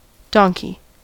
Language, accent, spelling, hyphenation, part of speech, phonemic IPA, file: English, US, donkey, don‧key, noun, /ˈdɑŋ.ki/, En-us-donkey.ogg
- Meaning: 1. A domestic animal, Equus asinus asinus, similar to a horse 2. A stubborn person 3. A fool 4. A small auxiliary engine 5. A box or chest, especially a toolbox 6. A bad poker player